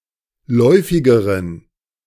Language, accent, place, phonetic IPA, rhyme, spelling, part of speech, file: German, Germany, Berlin, [ˈlɔɪ̯fɪɡəʁən], -ɔɪ̯fɪɡəʁən, läufigeren, adjective, De-läufigeren.ogg
- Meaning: inflection of läufig: 1. strong genitive masculine/neuter singular comparative degree 2. weak/mixed genitive/dative all-gender singular comparative degree